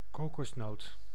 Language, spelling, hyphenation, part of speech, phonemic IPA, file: Dutch, kokosnoot, ko‧kos‧noot, noun, /ˈkoː.kɔsˌnoːt/, Nl-kokosnoot.ogg
- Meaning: coconut (fruit of coco palm)